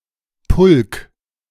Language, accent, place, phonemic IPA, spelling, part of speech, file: German, Germany, Berlin, /pʊlk/, Pulk, noun, De-Pulk.ogg
- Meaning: 1. an unorganized group of people, typically between ±7 and 100; a mob, but not necessarily aggressive 2. main group of competitors in a race, e.g. of cycling or long-distance running; peloton